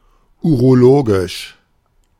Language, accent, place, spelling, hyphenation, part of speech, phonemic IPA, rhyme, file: German, Germany, Berlin, urologisch, uro‧lo‧gisch, adjective, /ˌuːʁoˈloːɡɪʃ/, -oːɡɪʃ, De-urologisch.ogg
- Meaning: urological